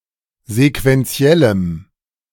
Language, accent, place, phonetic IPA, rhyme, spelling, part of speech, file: German, Germany, Berlin, [zekvɛnˈt͡si̯ɛləm], -ɛləm, sequentiellem, adjective, De-sequentiellem.ogg
- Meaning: strong dative masculine/neuter singular of sequentiell